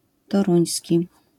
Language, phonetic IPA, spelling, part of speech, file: Polish, [tɔˈrũj̃sʲci], toruński, adjective, LL-Q809 (pol)-toruński.wav